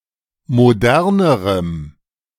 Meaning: strong dative masculine/neuter singular comparative degree of modern
- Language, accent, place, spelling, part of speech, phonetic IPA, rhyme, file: German, Germany, Berlin, modernerem, adjective, [moˈdɛʁnəʁəm], -ɛʁnəʁəm, De-modernerem.ogg